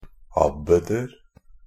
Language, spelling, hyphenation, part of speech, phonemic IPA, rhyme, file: Norwegian Bokmål, abbeder, ab‧be‧der, noun, /ˈabːədər/, -ər, NB - Pronunciation of Norwegian Bokmål «abbeder».ogg
- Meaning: indefinite plural of abbed